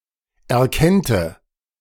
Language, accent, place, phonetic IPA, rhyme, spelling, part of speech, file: German, Germany, Berlin, [ɛɐ̯ˈkɛntə], -ɛntə, erkennte, verb, De-erkennte.ogg
- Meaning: first/third-person singular subjunctive II of erkennen